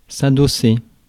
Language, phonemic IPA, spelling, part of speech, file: French, /a.do.se/, adosser, verb, Fr-adosser.ogg
- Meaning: 1. to back up (put someone's back (against)) 2. to lean (back) 3. to back up (put one's back against something)